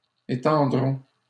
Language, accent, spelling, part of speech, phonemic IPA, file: French, Canada, étendront, verb, /e.tɑ̃.dʁɔ̃/, LL-Q150 (fra)-étendront.wav
- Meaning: third-person plural simple future of étendre